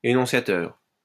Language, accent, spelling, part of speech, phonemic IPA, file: French, France, énonciateur, adjective / noun, /e.nɔ̃.sja.tœʁ/, LL-Q150 (fra)-énonciateur.wav
- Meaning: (adjective) 1. enunciating, uttering 2. explaining; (noun) 1. enunciator, utterer 2. explainer